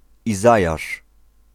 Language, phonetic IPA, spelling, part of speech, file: Polish, [iˈzajaʃ], Izajasz, proper noun, Pl-Izajasz.ogg